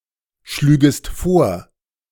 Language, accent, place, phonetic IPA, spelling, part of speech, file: German, Germany, Berlin, [ˌʃlyːɡəst ˈfoːɐ̯], schlügest vor, verb, De-schlügest vor.ogg
- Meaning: second-person singular subjunctive II of vorschlagen